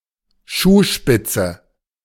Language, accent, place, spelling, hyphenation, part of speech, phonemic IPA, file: German, Germany, Berlin, Schuhspitze, Schuh‧spit‧ze, noun, /ˈʃuːˌʃpɪt͡sə/, De-Schuhspitze.ogg
- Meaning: toe of a shoe